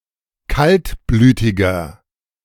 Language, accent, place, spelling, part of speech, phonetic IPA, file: German, Germany, Berlin, kaltblütiger, adjective, [ˈkaltˌblyːtɪɡɐ], De-kaltblütiger.ogg
- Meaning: 1. comparative degree of kaltblütig 2. inflection of kaltblütig: strong/mixed nominative masculine singular 3. inflection of kaltblütig: strong genitive/dative feminine singular